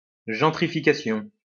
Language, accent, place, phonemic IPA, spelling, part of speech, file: French, France, Lyon, /ʒɑ̃.tʁi.fi.ka.sjɔ̃/, gentrification, noun, LL-Q150 (fra)-gentrification.wav
- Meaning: gentrification